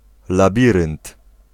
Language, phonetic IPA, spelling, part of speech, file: Polish, [laˈbʲirɨ̃nt], labirynt, noun, Pl-labirynt.ogg